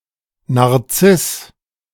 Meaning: Narcissus
- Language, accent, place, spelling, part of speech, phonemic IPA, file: German, Germany, Berlin, Narziss, proper noun, /naʁˈt͡sɪs/, De-Narziss.ogg